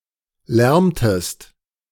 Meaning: second-person singular subjunctive I of lärmen
- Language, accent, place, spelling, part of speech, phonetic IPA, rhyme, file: German, Germany, Berlin, lärmest, verb, [ˈlɛʁməst], -ɛʁməst, De-lärmest.ogg